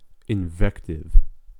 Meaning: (noun) 1. An expression which inveighs or rails against a person 2. A severe or violent censure or reproach
- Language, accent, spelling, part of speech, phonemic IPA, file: English, US, invective, noun / adjective, /ɪnˈvɛktɪv/, En-us-invective.ogg